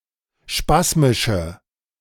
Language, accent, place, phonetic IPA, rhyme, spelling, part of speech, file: German, Germany, Berlin, [ˈʃpasmɪʃə], -asmɪʃə, spasmische, adjective, De-spasmische.ogg
- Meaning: inflection of spasmisch: 1. strong/mixed nominative/accusative feminine singular 2. strong nominative/accusative plural 3. weak nominative all-gender singular